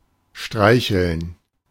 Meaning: to stroke (to move the hand over the surface of), to pet; to fondle
- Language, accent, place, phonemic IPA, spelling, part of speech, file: German, Germany, Berlin, /ˈʃtʁaɪ̯çln̩/, streicheln, verb, De-streicheln.ogg